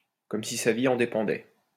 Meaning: like one's life depended on it, as if there were no tomorrow
- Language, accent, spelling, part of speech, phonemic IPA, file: French, France, comme si sa vie en dépendait, adverb, /kɔm si sa vi ɑ̃ de.pɑ̃.dɛ/, LL-Q150 (fra)-comme si sa vie en dépendait.wav